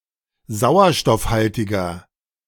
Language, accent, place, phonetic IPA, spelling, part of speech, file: German, Germany, Berlin, [ˈzaʊ̯ɐʃtɔfˌhaltɪɡɐ], sauerstoffhaltiger, adjective, De-sauerstoffhaltiger.ogg
- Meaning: inflection of sauerstoffhaltig: 1. strong/mixed nominative masculine singular 2. strong genitive/dative feminine singular 3. strong genitive plural